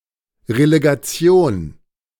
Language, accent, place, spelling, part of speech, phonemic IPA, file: German, Germany, Berlin, Relegation, noun, /ʁeleɡaˈtsjoːn/, De-Relegation.ogg
- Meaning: a play-off between teams from different leagues deciding about promotion and relegation